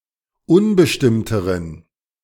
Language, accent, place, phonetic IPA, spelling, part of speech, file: German, Germany, Berlin, [ˈʊnbəʃtɪmtəʁən], unbestimmteren, adjective, De-unbestimmteren.ogg
- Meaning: inflection of unbestimmt: 1. strong genitive masculine/neuter singular comparative degree 2. weak/mixed genitive/dative all-gender singular comparative degree